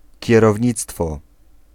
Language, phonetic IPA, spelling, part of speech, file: Polish, [ˌcɛrɔvʲˈɲit͡stfɔ], kierownictwo, noun, Pl-kierownictwo.ogg